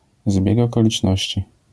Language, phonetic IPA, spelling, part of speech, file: Polish, [ˈzbʲjɛk ˌɔkɔlʲit͡ʃˈnɔɕt͡ɕi], zbieg okoliczności, noun, LL-Q809 (pol)-zbieg okoliczności.wav